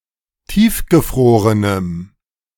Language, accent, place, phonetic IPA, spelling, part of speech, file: German, Germany, Berlin, [ˈtiːfɡəˌfʁoːʁənəm], tiefgefrorenem, adjective, De-tiefgefrorenem.ogg
- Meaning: strong dative masculine/neuter singular of tiefgefroren